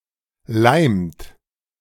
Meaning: inflection of leimen: 1. second-person plural present 2. third-person singular present 3. plural imperative
- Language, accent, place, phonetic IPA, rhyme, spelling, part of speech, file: German, Germany, Berlin, [laɪ̯mt], -aɪ̯mt, leimt, verb, De-leimt.ogg